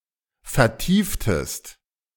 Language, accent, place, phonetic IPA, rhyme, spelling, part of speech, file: German, Germany, Berlin, [fɛɐ̯ˈtiːftəst], -iːftəst, vertieftest, verb, De-vertieftest.ogg
- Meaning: inflection of vertiefen: 1. second-person singular preterite 2. second-person singular subjunctive II